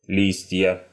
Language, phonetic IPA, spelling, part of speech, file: Russian, [ˈlʲisʲtʲjə], листья, noun, Ru-листья.ogg
- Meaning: nominative/accusative plural of лист (list)